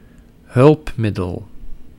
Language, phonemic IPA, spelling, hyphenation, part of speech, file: Dutch, /ˈɦʏlpˌmɪdəl/, hulpmiddel, hulp‧mid‧del, noun, Nl-hulpmiddel.ogg
- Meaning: aid, instrument, tool (material source of help)